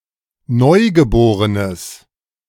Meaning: newborn, neonate
- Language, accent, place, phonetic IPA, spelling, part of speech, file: German, Germany, Berlin, [ˈnɔɪ̯ɡəˌboːʁənəs], Neugeborenes, noun, De-Neugeborenes.ogg